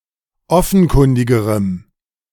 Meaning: strong dative masculine/neuter singular comparative degree of offenkundig
- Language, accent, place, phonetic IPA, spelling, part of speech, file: German, Germany, Berlin, [ˈɔfn̩ˌkʊndɪɡəʁəm], offenkundigerem, adjective, De-offenkundigerem.ogg